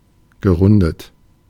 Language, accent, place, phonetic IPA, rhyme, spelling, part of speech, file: German, Germany, Berlin, [ɡəˈʁʊndət], -ʊndət, gerundet, adjective / verb, De-gerundet.ogg
- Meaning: past participle of runden